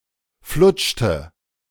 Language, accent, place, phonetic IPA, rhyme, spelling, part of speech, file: German, Germany, Berlin, [ˈflʊt͡ʃtə], -ʊt͡ʃtə, flutschte, verb, De-flutschte.ogg
- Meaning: inflection of flutschen: 1. first/third-person singular preterite 2. first/third-person singular subjunctive II